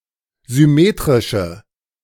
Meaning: inflection of symmetrisch: 1. strong/mixed nominative/accusative feminine singular 2. strong nominative/accusative plural 3. weak nominative all-gender singular
- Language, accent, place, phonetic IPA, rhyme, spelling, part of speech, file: German, Germany, Berlin, [zʏˈmeːtʁɪʃə], -eːtʁɪʃə, symmetrische, adjective, De-symmetrische.ogg